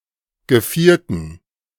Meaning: dative plural of Geviert
- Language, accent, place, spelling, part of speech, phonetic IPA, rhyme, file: German, Germany, Berlin, Gevierten, noun, [ɡəˈfiːɐ̯tn̩], -iːɐ̯tn̩, De-Gevierten.ogg